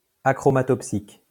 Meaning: achromatopsic
- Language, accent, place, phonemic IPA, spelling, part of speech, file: French, France, Lyon, /a.kʁɔ.ma.tɔp.sik/, achromatopsique, adjective, LL-Q150 (fra)-achromatopsique.wav